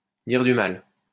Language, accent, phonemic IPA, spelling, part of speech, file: French, France, /diʁ dy mal/, dire du mal, verb, LL-Q150 (fra)-dire du mal.wav
- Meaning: to speak ill of, to cast aspersions on, to badmouth, to slag off, to backbite, to talk about (someone) behind their back